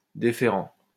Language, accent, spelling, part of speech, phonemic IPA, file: French, France, déférent, adjective, /de.fe.ʁɑ̃/, LL-Q150 (fra)-déférent.wav
- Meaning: deferential